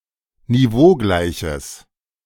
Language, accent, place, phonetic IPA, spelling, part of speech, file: German, Germany, Berlin, [niˈvoːˌɡlaɪ̯çəs], niveaugleiches, adjective, De-niveaugleiches.ogg
- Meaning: strong/mixed nominative/accusative neuter singular of niveaugleich